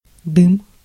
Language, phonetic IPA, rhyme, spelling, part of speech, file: Russian, [dɨm], -ɨm, дым, noun, Ru-дым.ogg
- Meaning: 1. smoke 2. hearth, chimney (as a taxable unit for households in medieval Rus and in the Grand Duchy of Lithuania)